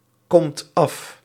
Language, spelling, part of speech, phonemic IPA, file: Dutch, komt af, verb, /ˈkɔmt ˈɑf/, Nl-komt af.ogg
- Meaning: inflection of afkomen: 1. second/third-person singular present indicative 2. plural imperative